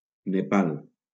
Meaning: Nepal (a country in South Asia, located between China and India)
- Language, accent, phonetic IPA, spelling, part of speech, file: Catalan, Valencia, [neˈpal], Nepal, proper noun, LL-Q7026 (cat)-Nepal.wav